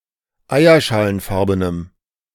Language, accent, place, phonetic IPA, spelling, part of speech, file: German, Germany, Berlin, [ˈaɪ̯ɐʃaːlənˌfaʁbənəm], eierschalenfarbenem, adjective, De-eierschalenfarbenem.ogg
- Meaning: strong dative masculine/neuter singular of eierschalenfarben